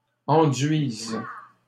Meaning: second-person singular present subjunctive of enduire
- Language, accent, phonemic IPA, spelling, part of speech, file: French, Canada, /ɑ̃.dɥiz/, enduises, verb, LL-Q150 (fra)-enduises.wav